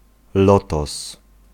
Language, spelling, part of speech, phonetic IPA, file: Polish, lotos, noun, [ˈlɔtɔs], Pl-lotos.ogg